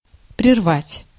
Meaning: 1. to abort, to cut short, to discontinue or suspend abruptly 2. to interrupt (a conversation, act, etc.) 3. to break off, to sever
- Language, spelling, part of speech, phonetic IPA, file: Russian, прервать, verb, [prʲɪrˈvatʲ], Ru-прервать.ogg